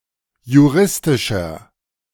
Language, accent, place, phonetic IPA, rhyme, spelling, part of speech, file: German, Germany, Berlin, [juˈʁɪstɪʃɐ], -ɪstɪʃɐ, juristischer, adjective, De-juristischer.ogg
- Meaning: inflection of juristisch: 1. strong/mixed nominative masculine singular 2. strong genitive/dative feminine singular 3. strong genitive plural